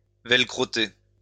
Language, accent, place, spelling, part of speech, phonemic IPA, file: French, France, Lyon, velcroter, verb, /vɛl.kʁɔ.te/, LL-Q150 (fra)-velcroter.wav
- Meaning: to velcro